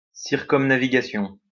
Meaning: circumnavigation
- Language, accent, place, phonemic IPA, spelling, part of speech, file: French, France, Lyon, /siʁ.kɔm.na.vi.ɡa.sjɔ̃/, circumnavigation, noun, LL-Q150 (fra)-circumnavigation.wav